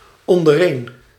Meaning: amongst ourselves or themselves
- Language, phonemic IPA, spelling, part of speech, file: Dutch, /ˌɔndəˈren/, ondereen, adverb, Nl-ondereen.ogg